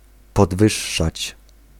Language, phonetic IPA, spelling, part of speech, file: Polish, [pɔdˈvɨʃːat͡ɕ], podwyższać, verb, Pl-podwyższać.ogg